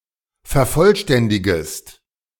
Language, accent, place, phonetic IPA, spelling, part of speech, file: German, Germany, Berlin, [fɛɐ̯ˈfɔlˌʃtɛndɪɡəst], vervollständigest, verb, De-vervollständigest.ogg
- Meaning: second-person singular subjunctive I of vervollständigen